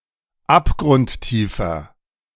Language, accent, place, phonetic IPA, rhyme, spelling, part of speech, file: German, Germany, Berlin, [ˌapɡʁʊntˈtiːfɐ], -iːfɐ, abgrundtiefer, adjective, De-abgrundtiefer.ogg
- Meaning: inflection of abgrundtief: 1. strong/mixed nominative masculine singular 2. strong genitive/dative feminine singular 3. strong genitive plural